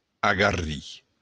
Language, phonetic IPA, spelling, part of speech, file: Occitan, [aɣaˈri], agarrir, verb, LL-Q942602-agarrir.wav
- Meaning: 1. to attack 2. to provoke 3. to agitate